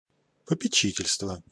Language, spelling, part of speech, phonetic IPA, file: Russian, попечительство, noun, [pəpʲɪˈt͡ɕitʲɪlʲstvə], Ru-попечительство.ogg
- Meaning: 1. trusteeship, guardianship 2. board of guardians